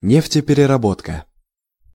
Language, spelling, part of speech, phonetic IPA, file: Russian, нефтепереработка, noun, [ˌnʲeftʲɪpʲɪrʲɪrɐˈbotkə], Ru-нефтепереработка.ogg
- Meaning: oil refining